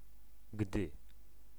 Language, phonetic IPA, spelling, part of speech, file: Polish, [ɡdɨ], gdy, conjunction, Pl-gdy.ogg